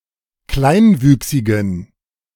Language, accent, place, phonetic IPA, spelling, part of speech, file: German, Germany, Berlin, [ˈklaɪ̯nˌvyːksɪɡn̩], kleinwüchsigen, adjective, De-kleinwüchsigen.ogg
- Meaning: inflection of kleinwüchsig: 1. strong genitive masculine/neuter singular 2. weak/mixed genitive/dative all-gender singular 3. strong/weak/mixed accusative masculine singular 4. strong dative plural